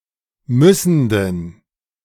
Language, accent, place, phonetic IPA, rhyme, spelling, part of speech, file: German, Germany, Berlin, [ˈmʏsn̩dən], -ʏsn̩dən, müssenden, adjective, De-müssenden.ogg
- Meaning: inflection of müssend: 1. strong genitive masculine/neuter singular 2. weak/mixed genitive/dative all-gender singular 3. strong/weak/mixed accusative masculine singular 4. strong dative plural